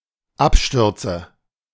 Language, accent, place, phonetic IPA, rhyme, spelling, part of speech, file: German, Germany, Berlin, [ˈapˌʃtʏʁt͡sə], -apʃtʏʁt͡sə, Abstürze, noun, De-Abstürze.ogg
- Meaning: nominative/accusative/genitive plural of Absturz